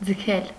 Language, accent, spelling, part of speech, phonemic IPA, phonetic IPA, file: Armenian, Eastern Armenian, ձգել, verb, /d͡zəˈkʰel/, [d͡zəkʰél], Hy-ձգել.ogg
- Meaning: 1. to pull; to draw; to drag 2. to stretch, extend 3. to lengthen, pull out 4. to tighten 5. to delay, protract 6. to throw, to toss 7. to drop, to let go 8. to restrain someone 9. to leave, abandon